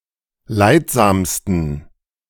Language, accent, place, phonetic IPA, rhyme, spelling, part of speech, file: German, Germany, Berlin, [ˈlaɪ̯tˌzaːmstn̩], -aɪ̯tzaːmstn̩, leidsamsten, adjective, De-leidsamsten.ogg
- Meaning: 1. superlative degree of leidsam 2. inflection of leidsam: strong genitive masculine/neuter singular superlative degree